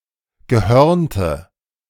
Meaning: inflection of gehörnt: 1. strong/mixed nominative/accusative feminine singular 2. strong nominative/accusative plural 3. weak nominative all-gender singular 4. weak accusative feminine/neuter singular
- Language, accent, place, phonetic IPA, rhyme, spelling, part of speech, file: German, Germany, Berlin, [ɡəˈhœʁntə], -œʁntə, gehörnte, adjective, De-gehörnte.ogg